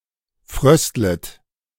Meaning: second-person plural subjunctive I of frösteln
- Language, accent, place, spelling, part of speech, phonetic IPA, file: German, Germany, Berlin, fröstlet, verb, [ˈfʁœstlət], De-fröstlet.ogg